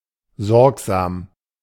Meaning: careful, mindful
- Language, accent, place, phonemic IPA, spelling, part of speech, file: German, Germany, Berlin, /ˈzɔʁkzaːm/, sorgsam, adjective, De-sorgsam.ogg